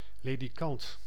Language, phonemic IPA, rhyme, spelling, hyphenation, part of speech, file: Dutch, /ˌleː.diˈkɑnt/, -ɑnt, ledikant, le‧di‧kant, noun, Nl-ledikant.ogg
- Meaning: 1. cot, crib (bed for children) 2. movable bed